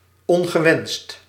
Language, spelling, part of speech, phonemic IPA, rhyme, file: Dutch, ongewenst, adjective, /ˌɔŋ.ɣəˈʋɛnst/, -ɛnst, Nl-ongewenst.ogg
- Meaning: undesirable